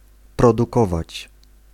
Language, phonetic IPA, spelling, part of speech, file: Polish, [ˌprɔduˈkɔvat͡ɕ], produkować, verb, Pl-produkować.ogg